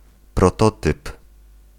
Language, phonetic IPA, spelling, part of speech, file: Polish, [prɔˈtɔtɨp], prototyp, noun, Pl-prototyp.ogg